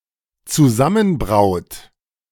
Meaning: inflection of zusammenbrauen: 1. third-person singular dependent present 2. second-person plural dependent present
- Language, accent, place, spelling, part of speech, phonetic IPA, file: German, Germany, Berlin, zusammenbraut, verb, [t͡suˈzamənˌbʁaʊ̯t], De-zusammenbraut.ogg